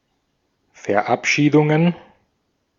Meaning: plural of Verabschiedung
- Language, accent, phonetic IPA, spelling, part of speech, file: German, Austria, [ˌfɛɐ̯ˈʔapʃiːdʊŋən], Verabschiedungen, noun, De-at-Verabschiedungen.ogg